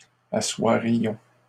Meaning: first-person plural conditional of asseoir
- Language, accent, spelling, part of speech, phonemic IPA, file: French, Canada, assoirions, verb, /a.swa.ʁjɔ̃/, LL-Q150 (fra)-assoirions.wav